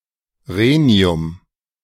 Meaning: rhenium
- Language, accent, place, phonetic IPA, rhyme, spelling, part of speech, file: German, Germany, Berlin, [ˈʁeːni̯ʊm], -eːni̯ʊm, Rhenium, noun, De-Rhenium.ogg